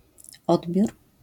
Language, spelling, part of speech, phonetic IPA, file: Polish, odbiór, noun / interjection, [ˈɔdbʲjur], LL-Q809 (pol)-odbiór.wav